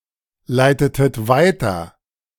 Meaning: inflection of weiterleiten: 1. second-person plural preterite 2. second-person plural subjunctive II
- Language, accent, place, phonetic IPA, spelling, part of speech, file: German, Germany, Berlin, [ˌlaɪ̯tətət ˈvaɪ̯tɐ], leitetet weiter, verb, De-leitetet weiter.ogg